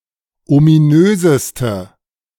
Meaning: inflection of ominös: 1. strong/mixed nominative/accusative feminine singular superlative degree 2. strong nominative/accusative plural superlative degree
- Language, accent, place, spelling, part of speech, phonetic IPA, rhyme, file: German, Germany, Berlin, ominöseste, adjective, [omiˈnøːzəstə], -øːzəstə, De-ominöseste.ogg